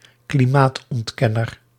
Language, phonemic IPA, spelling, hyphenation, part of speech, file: Dutch, /kliˈmaːt.ɔntˌkɛ.nər/, klimaatontkenner, kli‧maat‧ont‧ken‧ner, noun, Nl-klimaatontkenner.ogg
- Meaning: climate denier, climate denialist (one who rejects the occurrence of anthropogenic climate change)